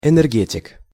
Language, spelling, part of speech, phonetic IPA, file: Russian, энергетик, noun, [ɛnɛrˈɡʲetʲɪk], Ru-энергетик.ogg
- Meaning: 1. power engineering specialist; energeticist 2. energy drink